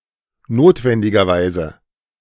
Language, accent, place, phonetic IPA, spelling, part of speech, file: German, Germany, Berlin, [ˈnoːtvɛndɪɡɐˌvaɪ̯zə], notwendigerweise, adverb, De-notwendigerweise.ogg
- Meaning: necessarily